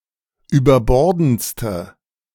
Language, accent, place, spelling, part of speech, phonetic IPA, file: German, Germany, Berlin, überbordendste, adjective, [yːbɐˈbɔʁdn̩t͡stə], De-überbordendste.ogg
- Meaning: inflection of überbordend: 1. strong/mixed nominative/accusative feminine singular superlative degree 2. strong nominative/accusative plural superlative degree